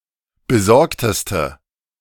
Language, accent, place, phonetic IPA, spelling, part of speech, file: German, Germany, Berlin, [bəˈzɔʁktəstə], besorgteste, adjective, De-besorgteste.ogg
- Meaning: inflection of besorgt: 1. strong/mixed nominative/accusative feminine singular superlative degree 2. strong nominative/accusative plural superlative degree